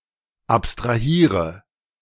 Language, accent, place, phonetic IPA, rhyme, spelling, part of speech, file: German, Germany, Berlin, [ˌapstʁaˈhiːʁə], -iːʁə, abstrahiere, verb, De-abstrahiere.ogg
- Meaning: inflection of abstrahieren: 1. first-person singular present 2. singular imperative 3. first/third-person singular subjunctive I